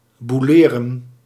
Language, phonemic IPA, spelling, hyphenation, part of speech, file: Dutch, /ˌbuˈleː.rə(n)/, boeleren, boe‧le‧ren, verb, Nl-boeleren.ogg
- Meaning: to commit adultery, to fornicate (to have sex out of wedlock)